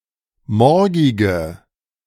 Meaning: inflection of morgig: 1. strong/mixed nominative/accusative feminine singular 2. strong nominative/accusative plural 3. weak nominative all-gender singular 4. weak accusative feminine/neuter singular
- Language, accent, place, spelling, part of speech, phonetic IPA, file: German, Germany, Berlin, morgige, adjective, [ˈmɔʁɡɪɡə], De-morgige.ogg